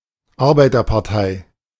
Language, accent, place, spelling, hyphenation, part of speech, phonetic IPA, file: German, Germany, Berlin, Arbeiterpartei, Ar‧bei‧ter‧par‧tei, noun, [ˈaʁbaɪ̯tɐpaʁˌtaɪ̯], De-Arbeiterpartei.ogg
- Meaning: workers' party